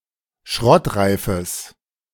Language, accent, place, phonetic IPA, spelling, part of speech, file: German, Germany, Berlin, [ˈʃʁɔtˌʁaɪ̯fəs], schrottreifes, adjective, De-schrottreifes.ogg
- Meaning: strong/mixed nominative/accusative neuter singular of schrottreif